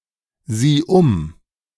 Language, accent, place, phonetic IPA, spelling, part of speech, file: German, Germany, Berlin, [ˌziː ˈʊm], sieh um, verb, De-sieh um.ogg
- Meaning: singular imperative of umsehen